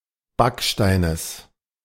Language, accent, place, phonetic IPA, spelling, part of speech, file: German, Germany, Berlin, [ˈbakʃtaɪ̯nəs], Backsteines, noun, De-Backsteines.ogg
- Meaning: genitive singular of Backstein